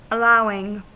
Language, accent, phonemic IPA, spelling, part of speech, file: English, US, /əˈlaʊɪŋ/, allowing, adjective / verb, En-us-allowing.ogg
- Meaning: present participle and gerund of allow